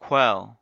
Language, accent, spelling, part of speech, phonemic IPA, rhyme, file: English, General American, quell, verb / noun, /kwɛl/, -ɛl, En-us-quell.ogg
- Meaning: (verb) 1. To subdue, put down, or silence (someone or something); to force (someone) to submit 2. To suppress, to put an end to (something); to extinguish 3. To kill